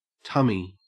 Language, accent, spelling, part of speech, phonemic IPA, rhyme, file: English, Australia, tummy, noun, /ˈtʌ.mi/, -ʌmi, En-au-tummy.ogg
- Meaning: 1. The stomach or belly 2. The stomach or belly.: A protruding belly, paunch